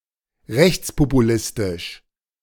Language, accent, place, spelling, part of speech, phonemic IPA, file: German, Germany, Berlin, rechtspopulistisch, adjective, /ˈʁɛçt͡spopuˌlɪstɪʃ/, De-rechtspopulistisch.ogg
- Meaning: right-wing populist